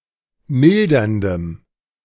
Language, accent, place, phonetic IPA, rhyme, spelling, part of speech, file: German, Germany, Berlin, [ˈmɪldɐndəm], -ɪldɐndəm, milderndem, adjective, De-milderndem.ogg
- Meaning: strong dative masculine/neuter singular of mildernd